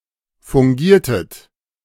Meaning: inflection of fungieren: 1. second-person plural preterite 2. second-person plural subjunctive II
- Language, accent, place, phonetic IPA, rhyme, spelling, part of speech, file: German, Germany, Berlin, [fʊŋˈɡiːɐ̯tət], -iːɐ̯tət, fungiertet, verb, De-fungiertet.ogg